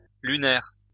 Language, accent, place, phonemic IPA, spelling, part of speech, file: French, France, Lyon, /ly.nɛʁ/, lunaires, adjective, LL-Q150 (fra)-lunaires.wav
- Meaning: plural of lunaire